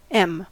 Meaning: 1. The name of the Latin script letter M/m 2. A unit of measurement equal to the height of the type in use 3. A relative unit of sizing defined in terms of the font size
- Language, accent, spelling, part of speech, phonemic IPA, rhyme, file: English, US, em, noun, /ˈɛm/, -ɛm, En-us-em.ogg